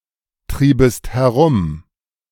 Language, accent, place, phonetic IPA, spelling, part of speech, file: German, Germany, Berlin, [ˌtʁiːbəst hɛˈʁʊm], triebest herum, verb, De-triebest herum.ogg
- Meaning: second-person singular subjunctive II of herumtreiben